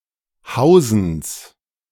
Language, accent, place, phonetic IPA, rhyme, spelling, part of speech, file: German, Germany, Berlin, [ˈhaʊ̯zn̩s], -aʊ̯zn̩s, Hausens, noun, De-Hausens.ogg
- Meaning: genitive singular of Hausen